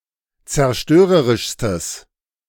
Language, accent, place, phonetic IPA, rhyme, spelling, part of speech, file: German, Germany, Berlin, [t͡sɛɐ̯ˈʃtøːʁəʁɪʃstəs], -øːʁəʁɪʃstəs, zerstörerischstes, adjective, De-zerstörerischstes.ogg
- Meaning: strong/mixed nominative/accusative neuter singular superlative degree of zerstörerisch